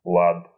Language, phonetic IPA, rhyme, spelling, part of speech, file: Russian, [ɫat], -at, лад, noun, Ru-лад.ogg
- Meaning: 1. harmony, concord 2. manner, way 3. mode; harmony, tonality 4. fret 5. genitive/accusative plural of ла́да (láda)